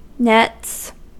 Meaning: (noun) 1. plural of net 2. A training session before playing a cricket match for both bowlers and batsmen or even backups; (verb) third-person singular simple present indicative of net
- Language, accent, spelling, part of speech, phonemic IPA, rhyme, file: English, US, nets, noun / verb, /nɛts/, -ɛts, En-us-nets.ogg